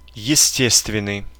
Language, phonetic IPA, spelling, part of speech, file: Russian, [(j)ɪˈsʲtʲestvʲɪn(ː)ɨj], естественный, adjective, Ru-естественный.ogg
- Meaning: natural (relating to nature)